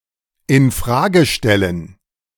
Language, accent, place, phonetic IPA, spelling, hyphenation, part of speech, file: German, Germany, Berlin, [ɪn ˈfʁaːɡə ˌʃtɛlən], in Frage stellen, in Fra‧ge stel‧len, verb, De-in Frage stellen.ogg
- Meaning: to question, to challenge, to cast doubt on